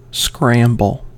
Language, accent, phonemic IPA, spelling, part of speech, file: English, US, /ˈskɹæmbl̩/, scramble, verb / noun / interjection, En-us-scramble.ogg
- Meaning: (verb) 1. To move hurriedly to a location, especially by using all limbs against a surface 2. To proceed to a location or an objective in a disorderly manner